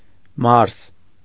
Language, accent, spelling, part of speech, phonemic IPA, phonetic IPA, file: Armenian, Eastern Armenian, Մարս, proper noun, /mɑɾs/, [mɑɾs], Hy-Մարս.ogg
- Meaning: 1. Mars 2. Mars (planet)